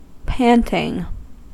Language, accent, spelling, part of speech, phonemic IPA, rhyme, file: English, US, panting, verb / noun, /ˈpæntɪŋ/, -æntɪŋ, En-us-panting.ogg
- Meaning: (verb) present participle and gerund of pant; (noun) The act of one who pants